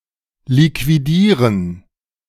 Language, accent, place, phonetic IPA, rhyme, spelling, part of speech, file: German, Germany, Berlin, [likviˈdiːʁən], -iːʁən, liquidieren, verb, De-liquidieren.ogg
- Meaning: 1. to liquidate 2. to assassinate